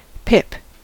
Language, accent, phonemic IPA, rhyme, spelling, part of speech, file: English, US, /pɪp/, -ɪp, pip, noun / verb, En-us-pip.ogg
- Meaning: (noun) 1. Any of various respiratory diseases in birds, especially infectious coryza 2. A disease, malaise or depression in humans 3. A pippin, seed of any kind